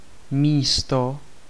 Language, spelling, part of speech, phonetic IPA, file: Czech, místo, noun / preposition, [ˈmiːsto], Cs-místo.ogg
- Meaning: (noun) 1. place (location, position) 2. place (seat) 3. space (occupied by or intended for a person or thing) 4. place (as in decimal place) 5. job, employment